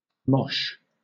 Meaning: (verb) To dance by intentionally jumping into and colliding with other, similarly behaving dancers, and performing other wild or aggressive movements
- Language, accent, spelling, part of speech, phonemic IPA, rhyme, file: English, Southern England, mosh, verb / noun, /mɒʃ/, -ɒʃ, LL-Q1860 (eng)-mosh.wav